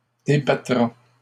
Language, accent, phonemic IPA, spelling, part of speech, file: French, Canada, /de.ba.tʁa/, débattra, verb, LL-Q150 (fra)-débattra.wav
- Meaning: third-person singular future of débattre